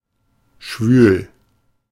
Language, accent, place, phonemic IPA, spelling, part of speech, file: German, Germany, Berlin, /ʃvyːl/, schwül, adjective, De-schwül.ogg
- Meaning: sultry, close, oppressive, muggy